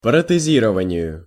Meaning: dative singular of протези́рование (protɛzírovanije)
- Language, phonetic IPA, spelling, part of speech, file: Russian, [prətɨˈzʲirəvənʲɪjʊ], протезированию, noun, Ru-протезированию.ogg